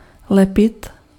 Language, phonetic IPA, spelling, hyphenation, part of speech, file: Czech, [ˈlɛpɪt], lepit, le‧pit, verb, Cs-lepit.ogg
- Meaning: 1. to glue, to stick 2. to stick (to become attached), to be sticky 3. to cling to sth, to adhere to sth